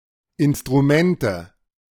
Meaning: nominative/accusative/genitive plural of Instrument
- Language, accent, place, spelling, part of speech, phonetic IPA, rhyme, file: German, Germany, Berlin, Instrumente, noun, [ˌɪnstʁuˈmɛntə], -ɛntə, De-Instrumente.ogg